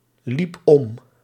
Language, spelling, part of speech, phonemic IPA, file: Dutch, liep om, verb, /ˈlip ˈɔm/, Nl-liep om.ogg
- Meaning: singular past indicative of omlopen